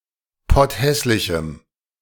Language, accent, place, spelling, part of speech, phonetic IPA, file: German, Germany, Berlin, potthässlichem, adjective, [ˈpɔtˌhɛslɪçm̩], De-potthässlichem.ogg
- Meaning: strong dative masculine/neuter singular of potthässlich